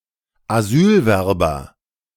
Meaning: asylum seeker (male or of unspecified gender)
- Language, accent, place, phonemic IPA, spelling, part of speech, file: German, Germany, Berlin, /aˈzyːlvɛrbɐ/, Asylwerber, noun, De-Asylwerber.ogg